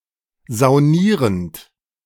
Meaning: present participle of saunieren
- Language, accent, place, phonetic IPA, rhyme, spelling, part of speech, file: German, Germany, Berlin, [zaʊ̯ˈniːʁənt], -iːʁənt, saunierend, verb, De-saunierend.ogg